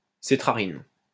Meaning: cetrarin
- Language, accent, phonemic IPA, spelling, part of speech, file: French, France, /se.tʁa.ʁin/, cétrarine, noun, LL-Q150 (fra)-cétrarine.wav